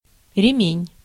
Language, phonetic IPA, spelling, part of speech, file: Russian, [rʲɪˈmʲenʲ], ремень, noun, Ru-ремень.ogg
- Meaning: 1. strap, thong, sling 2. belt, waist-belt